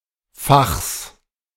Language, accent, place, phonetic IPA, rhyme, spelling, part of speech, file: German, Germany, Berlin, [faxs], -axs, Fachs, noun, De-Fachs.ogg
- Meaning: genitive singular of Fach